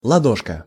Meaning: diminutive of ладо́нь (ladónʹ), diminutive of ладо́ша (ladóša): (small) palm of the hand
- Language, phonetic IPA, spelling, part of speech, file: Russian, [ɫɐˈdoʂkə], ладошка, noun, Ru-ладошка.ogg